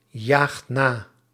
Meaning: inflection of najagen: 1. second/third-person singular present indicative 2. plural imperative
- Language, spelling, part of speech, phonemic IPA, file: Dutch, jaagt na, verb, /ˈjaxt ˈna/, Nl-jaagt na.ogg